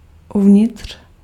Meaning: inside, within
- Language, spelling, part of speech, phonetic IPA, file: Czech, uvnitř, adverb, [ˈuvɲɪtr̝̊], Cs-uvnitř.ogg